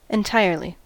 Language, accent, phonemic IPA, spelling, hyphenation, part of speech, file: English, US, /ɪnˈtaɪɹli/, entirely, en‧tire‧ly, adverb, En-us-entirely.ogg
- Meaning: 1. To the full or entire extent 2. To the exclusion of others; solely